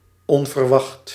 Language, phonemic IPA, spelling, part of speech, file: Dutch, /ˌɔn.vərˈʋɑxt/, onverwacht, adjective / adverb, Nl-onverwacht.ogg
- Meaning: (adjective) unexpected; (adverb) unexpectedly